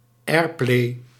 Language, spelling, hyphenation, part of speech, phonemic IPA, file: Dutch, airplay, air‧play, noun, /ˈɛːr.pleː/, Nl-airplay.ogg
- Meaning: airplay